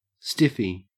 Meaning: 1. An erection of the penis 2. A computer floppy disk of the kind supplied in a stiff plastic outer shell 3. An extended magazine of a gun 4. A rigidly conformative person; a square or goody-goody
- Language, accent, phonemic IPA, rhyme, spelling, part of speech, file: English, Australia, /ˈstɪfi/, -ɪfi, stiffy, noun, En-au-stiffy.ogg